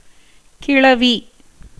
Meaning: 1. word, term 2. speech, utterance, language 3. theme, subject 4. letter
- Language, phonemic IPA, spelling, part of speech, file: Tamil, /kɪɭɐʋiː/, கிளவி, noun, Ta-கிளவி.ogg